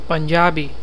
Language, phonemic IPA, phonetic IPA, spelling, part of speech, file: Hindi, /pən.d͡ʒɑː.biː/, [pɐ̃n.d͡ʒäː.biː], पंजाबी, adjective / proper noun, Hi-पंजाबी.oga
- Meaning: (adjective) Punjabi; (proper noun) Punjabi (language)